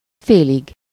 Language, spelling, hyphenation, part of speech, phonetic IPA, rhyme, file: Hungarian, félig, fé‧lig, adverb / noun, [ˈfeːliɡ], -iɡ, Hu-félig.ogg
- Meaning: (adverb) half, semi-; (noun) terminative singular of fél